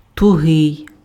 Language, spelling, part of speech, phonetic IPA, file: Ukrainian, тугий, adjective, [tʊˈɦɪi̯], Uk-тугий.ogg
- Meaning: tense, tight, taut